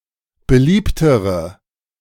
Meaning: inflection of beliebt: 1. strong/mixed nominative/accusative feminine singular comparative degree 2. strong nominative/accusative plural comparative degree
- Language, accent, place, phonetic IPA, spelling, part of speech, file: German, Germany, Berlin, [bəˈliːptəʁə], beliebtere, adjective, De-beliebtere.ogg